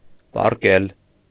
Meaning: to lie, lie down
- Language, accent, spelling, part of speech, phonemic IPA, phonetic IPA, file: Armenian, Eastern Armenian, պառկել, verb, /pɑrˈkel/, [pɑrkél], Hy-պառկել.ogg